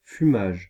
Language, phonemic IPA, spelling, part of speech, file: French, /fy.maʒ/, fumage, noun, Fr-fumage.ogg
- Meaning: smoking (of food etc)